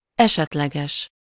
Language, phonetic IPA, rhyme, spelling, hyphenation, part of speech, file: Hungarian, [ˈɛʃɛtlɛɡɛʃ], -ɛʃ, esetleges, eset‧le‧ges, adjective, Hu-esetleges.ogg
- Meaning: possible, incidental